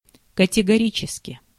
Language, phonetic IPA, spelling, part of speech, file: Russian, [kətʲɪɡɐˈrʲit͡ɕɪskʲɪ], категорически, adverb, Ru-категорически.ogg
- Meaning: 1. categorically 2. flatly, strongly, out of hand